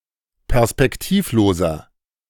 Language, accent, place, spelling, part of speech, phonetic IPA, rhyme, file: German, Germany, Berlin, perspektivloser, adjective, [pɛʁspɛkˈtiːfˌloːzɐ], -iːfloːzɐ, De-perspektivloser.ogg
- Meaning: 1. comparative degree of perspektivlos 2. inflection of perspektivlos: strong/mixed nominative masculine singular 3. inflection of perspektivlos: strong genitive/dative feminine singular